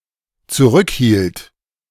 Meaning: first/third-person singular dependent preterite of zurückhalten
- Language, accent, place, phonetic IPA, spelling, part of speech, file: German, Germany, Berlin, [t͡suˈʁʏkˌhiːlt], zurückhielt, verb, De-zurückhielt.ogg